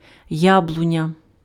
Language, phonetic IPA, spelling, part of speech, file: Ukrainian, [ˈjabɫʊnʲɐ], яблуня, noun, Uk-яблуня.ogg
- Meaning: apple tree (any cultivar of the Malus domestica tree)